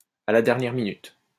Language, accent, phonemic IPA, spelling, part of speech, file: French, France, /a la dɛʁ.njɛʁ mi.nyt/, à la dernière minute, adverb, LL-Q150 (fra)-à la dernière minute.wav
- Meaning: at the last minute